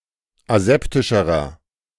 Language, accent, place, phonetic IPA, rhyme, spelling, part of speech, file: German, Germany, Berlin, [aˈzɛptɪʃəʁɐ], -ɛptɪʃəʁɐ, aseptischerer, adjective, De-aseptischerer.ogg
- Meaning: inflection of aseptisch: 1. strong/mixed nominative masculine singular comparative degree 2. strong genitive/dative feminine singular comparative degree 3. strong genitive plural comparative degree